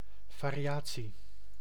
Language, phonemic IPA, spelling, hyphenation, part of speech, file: Dutch, /ˌvaː.riˈaː.(t)si/, variatie, va‧ri‧a‧tie, noun, Nl-variatie.ogg
- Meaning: variant, the act, process or instance of varying